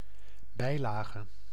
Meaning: 1. a supplement (to a document) 2. e-mail attachment
- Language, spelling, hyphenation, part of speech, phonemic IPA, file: Dutch, bijlage, bij‧la‧ge, noun, /ˈbɛi̯ˌlaː.ɣə/, Nl-bijlage.ogg